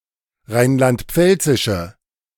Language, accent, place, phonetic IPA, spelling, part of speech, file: German, Germany, Berlin, [ˈʁaɪ̯nlantˈp͡fɛlt͡sɪʃə], rheinland-pfälzische, adjective, De-rheinland-pfälzische.ogg
- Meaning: inflection of rheinland-pfälzisch: 1. strong/mixed nominative/accusative feminine singular 2. strong nominative/accusative plural 3. weak nominative all-gender singular